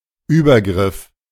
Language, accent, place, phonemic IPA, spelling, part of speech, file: German, Germany, Berlin, /ˈyːbɐˌɡʁɪf/, Übergriff, noun, De-Übergriff.ogg
- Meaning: 1. intervention 2. incursion, encroachment, abuse, infringement, attack